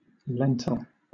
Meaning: 1. Any of several plants of the genus Lens, especially Lens culinaris, from southwest Asia, that have edible, lens-shaped seeds within flattened pods 2. The seed of these plants, used as food
- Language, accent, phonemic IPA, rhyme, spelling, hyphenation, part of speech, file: English, Southern England, /ˈlɛntəl/, -ɛntəl, lentil, len‧til, noun, LL-Q1860 (eng)-lentil.wav